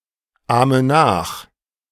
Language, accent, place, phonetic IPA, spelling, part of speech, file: German, Germany, Berlin, [ˌaːmə ˈnaːx], ahme nach, verb, De-ahme nach.ogg
- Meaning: inflection of nachahmen: 1. first-person singular present 2. first/third-person singular subjunctive I 3. singular imperative